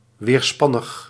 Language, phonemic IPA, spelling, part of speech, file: Dutch, /ʋeːrˈspɑnəx/, weerspannig, adjective, Nl-weerspannig.ogg
- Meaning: 1. refractory 2. asking effort, difficult